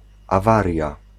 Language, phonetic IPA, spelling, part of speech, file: Polish, [aˈvarʲja], awaria, noun, Pl-awaria.ogg